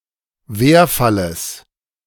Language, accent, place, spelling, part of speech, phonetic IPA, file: German, Germany, Berlin, Werfalles, noun, [ˈveːɐ̯faləs], De-Werfalles.ogg
- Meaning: genitive singular of Werfall